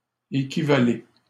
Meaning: 1. second-person plural present indicative of équivaloir 2. second-person plural present imperative of équivaloir
- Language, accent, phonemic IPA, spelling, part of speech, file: French, Canada, /e.ki.va.le/, équivalez, verb, LL-Q150 (fra)-équivalez.wav